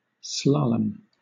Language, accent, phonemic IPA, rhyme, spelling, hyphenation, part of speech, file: English, Southern England, /ˈslɑː.ləm/, -ɑːləm, slalom, sla‧lom, noun / verb, LL-Q1860 (eng)-slalom.wav
- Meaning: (noun) 1. The sport of skiing in a zigzag course through gates 2. Any similar activity on other vehicles, including canoes and water skis 3. A course used for the sport of slalom